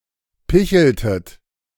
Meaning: inflection of picheln: 1. second-person plural preterite 2. second-person plural subjunctive II
- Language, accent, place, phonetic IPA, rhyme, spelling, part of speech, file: German, Germany, Berlin, [ˈpɪçl̩tət], -ɪçl̩tət, picheltet, verb, De-picheltet.ogg